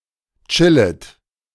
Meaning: second-person plural subjunctive I of chillen
- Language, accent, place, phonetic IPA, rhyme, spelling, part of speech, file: German, Germany, Berlin, [ˈt͡ʃɪlət], -ɪlət, chillet, verb, De-chillet.ogg